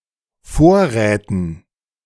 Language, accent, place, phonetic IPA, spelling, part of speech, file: German, Germany, Berlin, [ˈfoːɐ̯ˌʁɛːtn̩], Vorräten, noun, De-Vorräten.ogg
- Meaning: dative plural of Vorrat